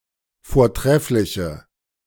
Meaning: inflection of vortrefflich: 1. strong/mixed nominative/accusative feminine singular 2. strong nominative/accusative plural 3. weak nominative all-gender singular
- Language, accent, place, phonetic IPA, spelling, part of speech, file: German, Germany, Berlin, [foːɐ̯ˈtʁɛflɪçə], vortreffliche, adjective, De-vortreffliche.ogg